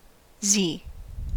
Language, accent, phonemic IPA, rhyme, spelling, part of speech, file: English, US, /ziː/, -iː, zee, noun / verb, En-us-zee.ogg
- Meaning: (noun) 1. The name of the Latin script letter Z/z 2. Something Z-shaped. Found in compounds 3. Sleep; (verb) To sleep or nap. (Compare zzz, catch some z's.)